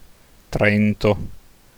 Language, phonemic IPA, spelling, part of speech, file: Italian, /ˈtren.to/, Trento, proper noun, It-Trento.ogg